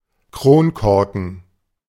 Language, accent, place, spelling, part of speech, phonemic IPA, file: German, Germany, Berlin, Kronkorken, noun, /ˈkʁoːnˌkɔʁkən/, De-Kronkorken.ogg
- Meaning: crown cap, crown cork